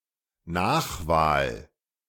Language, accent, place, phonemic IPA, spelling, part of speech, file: German, Germany, Berlin, /ˈnaːxˌvaːl/, Nachwahl, noun, De-Nachwahl.ogg